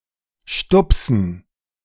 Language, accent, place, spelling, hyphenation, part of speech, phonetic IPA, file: German, Germany, Berlin, stupsen, stup‧sen, verb, [ˈʃtʊpsn̩], De-stupsen.ogg
- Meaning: to nudge, to prod